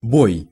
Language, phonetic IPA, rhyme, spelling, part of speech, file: Russian, [boj], -oj, бой, noun, Ru-бой.ogg
- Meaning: 1. beating, breakage 2. battle, combat, engagement 3. fight, fighting, struggle 4. striking (of a clock) 5. boy (servant)